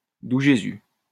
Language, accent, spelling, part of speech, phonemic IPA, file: French, France, doux Jésus, interjection, /du ʒe.zy/, LL-Q150 (fra)-doux Jésus.wav
- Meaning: sweet Jesus!